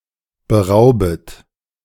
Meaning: second-person plural subjunctive I of berauben
- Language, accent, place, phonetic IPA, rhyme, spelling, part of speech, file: German, Germany, Berlin, [bəˈʁaʊ̯bət], -aʊ̯bət, beraubet, verb, De-beraubet.ogg